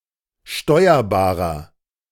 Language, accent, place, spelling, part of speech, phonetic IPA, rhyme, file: German, Germany, Berlin, steuerbarer, adjective, [ˈʃtɔɪ̯ɐbaːʁɐ], -ɔɪ̯ɐbaːʁɐ, De-steuerbarer.ogg
- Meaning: inflection of steuerbar: 1. strong/mixed nominative masculine singular 2. strong genitive/dative feminine singular 3. strong genitive plural